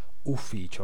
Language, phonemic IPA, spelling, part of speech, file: Italian, /ufˈfit͡ʃo/, ufficio, noun / verb, It-ufficio.ogg